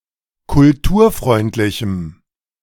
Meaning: strong dative masculine/neuter singular of kulturfreundlich
- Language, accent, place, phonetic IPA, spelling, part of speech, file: German, Germany, Berlin, [kʊlˈtuːɐ̯ˌfʁɔɪ̯ntlɪçm̩], kulturfreundlichem, adjective, De-kulturfreundlichem.ogg